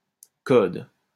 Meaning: code
- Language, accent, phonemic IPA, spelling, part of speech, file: French, France, /kɔd/, code, noun, LL-Q150 (fra)-code.wav